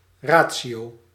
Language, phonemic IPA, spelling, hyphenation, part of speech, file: Dutch, /ˈraː.(t)si.oː/, ratio, ra‧tio, noun, Nl-ratio.ogg
- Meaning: 1. ratio, proportion 2. reason